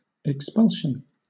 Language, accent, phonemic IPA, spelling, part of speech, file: English, Southern England, /ɪkˈspʌlʃən/, expulsion, noun, LL-Q1860 (eng)-expulsion.wav
- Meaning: The act of expelling or the state of being expelled